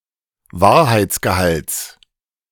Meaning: genitive singular of Wahrheitsgehalt
- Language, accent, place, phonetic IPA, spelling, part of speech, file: German, Germany, Berlin, [ˈvaːɐ̯haɪ̯t͡sɡəˌhalt͡s], Wahrheitsgehalts, noun, De-Wahrheitsgehalts.ogg